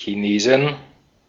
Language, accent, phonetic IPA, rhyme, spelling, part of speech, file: German, Austria, [çiˈneːzn̩], -eːzn̩, Chinesen, noun, De-at-Chinesen.ogg
- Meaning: plural of Chinese